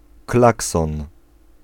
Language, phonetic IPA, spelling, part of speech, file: Polish, [ˈklaksɔ̃n], klakson, noun, Pl-klakson.ogg